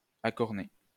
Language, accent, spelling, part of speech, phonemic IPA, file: French, France, accorné, adjective, /a.kɔʁ.ne/, LL-Q150 (fra)-accorné.wav
- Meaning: horned